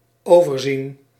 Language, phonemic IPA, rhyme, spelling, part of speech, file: Dutch, /ˌoː.vərˈzin/, -in, overzien, verb, Nl-overzien.ogg
- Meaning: 1. to oversee, to have a view of 2. past participle of overzien